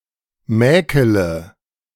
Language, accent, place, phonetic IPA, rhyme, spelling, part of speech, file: German, Germany, Berlin, [ˈmɛːkələ], -ɛːkələ, mäkele, verb, De-mäkele.ogg
- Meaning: inflection of mäkeln: 1. first-person singular present 2. first-person plural subjunctive I 3. third-person singular subjunctive I 4. singular imperative